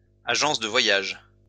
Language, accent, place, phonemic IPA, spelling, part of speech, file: French, France, Lyon, /a.ʒɑ̃s də vwa.jaʒ/, agence de voyages, noun, LL-Q150 (fra)-agence de voyages.wav
- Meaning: travel agency